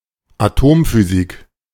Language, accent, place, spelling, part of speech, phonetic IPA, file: German, Germany, Berlin, Atomphysik, noun, [aˈtoːmfyˌziːk], De-Atomphysik.ogg
- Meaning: atomic physics